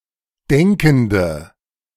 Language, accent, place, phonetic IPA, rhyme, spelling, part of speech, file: German, Germany, Berlin, [ˈdɛŋkn̩də], -ɛŋkn̩də, denkende, adjective, De-denkende.ogg
- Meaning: inflection of denkend: 1. strong/mixed nominative/accusative feminine singular 2. strong nominative/accusative plural 3. weak nominative all-gender singular 4. weak accusative feminine/neuter singular